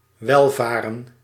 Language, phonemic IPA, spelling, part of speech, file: Dutch, /ˈʋɛlˌvaːrə(n)/, welvaren, verb, Nl-welvaren.ogg
- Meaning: to prosper, thrive